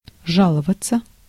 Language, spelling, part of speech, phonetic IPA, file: Russian, жаловаться, verb, [ˈʐaɫəvət͡sə], Ru-жаловаться.ogg
- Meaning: to complain, to lament